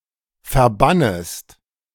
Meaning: second-person singular subjunctive I of verbannen
- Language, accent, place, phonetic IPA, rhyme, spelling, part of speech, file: German, Germany, Berlin, [fɛɐ̯ˈbanəst], -anəst, verbannest, verb, De-verbannest.ogg